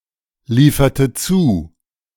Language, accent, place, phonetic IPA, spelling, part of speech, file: German, Germany, Berlin, [ˌliːfɐtə ˈt͡suː], lieferte zu, verb, De-lieferte zu.ogg
- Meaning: inflection of zuliefern: 1. first/third-person singular preterite 2. first/third-person singular subjunctive II